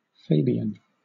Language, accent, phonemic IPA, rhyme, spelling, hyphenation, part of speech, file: English, Southern England, /ˈfeɪ.biː.ən/, -eɪbiən, Fabian, Fa‧bi‧an, adjective / noun / proper noun, LL-Q1860 (eng)-Fabian.wav